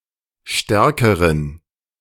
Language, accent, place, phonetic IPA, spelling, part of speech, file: German, Germany, Berlin, [ˈʃtɛʁkəʁən], stärkeren, adjective, De-stärkeren.ogg
- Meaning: inflection of stark: 1. strong genitive masculine/neuter singular comparative degree 2. weak/mixed genitive/dative all-gender singular comparative degree